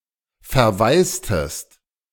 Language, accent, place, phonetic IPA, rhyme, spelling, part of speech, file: German, Germany, Berlin, [fɛɐ̯ˈvaɪ̯stəst], -aɪ̯stəst, verwaistest, verb, De-verwaistest.ogg
- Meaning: inflection of verwaisen: 1. second-person singular preterite 2. second-person singular subjunctive II